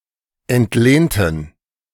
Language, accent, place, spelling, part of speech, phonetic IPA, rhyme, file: German, Germany, Berlin, entlehnten, adjective / verb, [ɛntˈleːntn̩], -eːntn̩, De-entlehnten.ogg
- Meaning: inflection of entlehnt: 1. strong genitive masculine/neuter singular 2. weak/mixed genitive/dative all-gender singular 3. strong/weak/mixed accusative masculine singular 4. strong dative plural